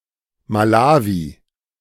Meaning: Malawi (a country in Southern Africa)
- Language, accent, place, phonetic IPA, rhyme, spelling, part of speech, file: German, Germany, Berlin, [maˈlaːvi], -aːvi, Malawi, proper noun, De-Malawi.ogg